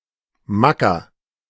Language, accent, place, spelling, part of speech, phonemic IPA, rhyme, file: German, Germany, Berlin, Macker, noun, /ˈmakɐ/, -akɐ, De-Macker.ogg
- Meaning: 1. macho; bossy man 2. boyfriend 3. guy; fellow; dude 4. boss; chief